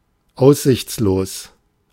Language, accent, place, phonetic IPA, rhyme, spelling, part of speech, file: German, Germany, Berlin, [ˈaʊ̯szɪçtsloːs], -oːs, aussichtslos, adjective, De-aussichtslos.ogg
- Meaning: desperate, hopeless, forlorn